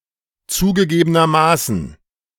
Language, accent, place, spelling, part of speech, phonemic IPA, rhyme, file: German, Germany, Berlin, zugegebenermaßen, adverb, /ˌtsuːɡəˌɡeːbənɐˈmaːsn̩/, -aːsn̩, De-zugegebenermaßen.ogg
- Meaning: admittedly (by the speaker's admission)